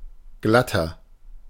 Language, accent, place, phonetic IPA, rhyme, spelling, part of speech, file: German, Germany, Berlin, [ˈɡlatɐ], -atɐ, glatter, adjective, De-glatter.ogg
- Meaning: 1. comparative degree of glatt 2. inflection of glatt: strong/mixed nominative masculine singular 3. inflection of glatt: strong genitive/dative feminine singular